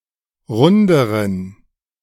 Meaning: inflection of rund: 1. strong genitive masculine/neuter singular comparative degree 2. weak/mixed genitive/dative all-gender singular comparative degree
- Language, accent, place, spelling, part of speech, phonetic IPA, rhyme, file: German, Germany, Berlin, runderen, adjective, [ˈʁʊndəʁən], -ʊndəʁən, De-runderen.ogg